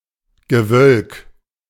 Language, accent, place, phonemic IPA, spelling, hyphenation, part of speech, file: German, Germany, Berlin, /ɡəˈvœlk/, Gewölk, Ge‧wölk, noun, De-Gewölk.ogg
- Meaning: cloud mass